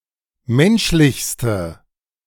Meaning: inflection of menschlich: 1. strong/mixed nominative/accusative feminine singular superlative degree 2. strong nominative/accusative plural superlative degree
- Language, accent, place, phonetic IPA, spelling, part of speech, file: German, Germany, Berlin, [ˈmɛnʃlɪçstə], menschlichste, adjective, De-menschlichste.ogg